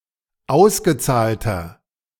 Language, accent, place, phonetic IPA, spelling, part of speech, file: German, Germany, Berlin, [ˈaʊ̯sɡəˌt͡saːltɐ], ausgezahlter, adjective, De-ausgezahlter.ogg
- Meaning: inflection of ausgezahlt: 1. strong/mixed nominative masculine singular 2. strong genitive/dative feminine singular 3. strong genitive plural